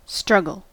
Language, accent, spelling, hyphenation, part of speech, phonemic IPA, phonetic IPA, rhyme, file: English, US, struggle, strug‧gle, noun / verb, /ˈstɹʌɡəl/, [ˈstɹʌɡl̩], -ʌɡəl, En-us-struggle.ogg
- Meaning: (noun) 1. A contortion of the body in an attempt to escape or to perform a difficult task 2. Strife, contention, great effort